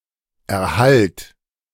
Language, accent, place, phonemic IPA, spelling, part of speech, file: German, Germany, Berlin, /ɛɐ̯ˈhalt/, Erhalt, noun, De-Erhalt.ogg
- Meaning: 1. receipt, reception, acceptance 2. preservation